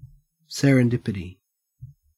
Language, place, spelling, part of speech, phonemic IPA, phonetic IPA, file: English, Queensland, serendipity, noun, /ˌseɹ.ənˈdɪp.ɪ.ti/, [ˌseɹ.ənˈdɪp.ɪ.ɾi], En-au-serendipity.ogg
- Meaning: The phenomenon of making an unplanned, fortunate discovery through a combination of unexpected circumstances and insightful recognition